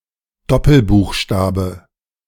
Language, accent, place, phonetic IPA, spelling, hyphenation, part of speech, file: German, Germany, Berlin, [ˈdɔpl̩ˌbuːxʃtaːbə], Doppelbuchstabe, Dop‧pel‧buch‧sta‧be, noun, De-Doppelbuchstabe.ogg
- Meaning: 1. homogeneous digraph, double letter, doubled letter 2. heterogeneous digraph 3. ligature